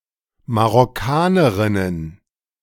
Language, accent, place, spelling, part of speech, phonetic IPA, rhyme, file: German, Germany, Berlin, Marokkanerinnen, noun, [maʁɔˈkaːnəʁɪnən], -aːnəʁɪnən, De-Marokkanerinnen.ogg
- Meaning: plural of Marokkanerin